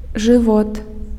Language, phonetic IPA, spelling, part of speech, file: Belarusian, [ʐɨˈvot], жывот, noun, Be-жывот.ogg
- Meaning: abdomen, stomach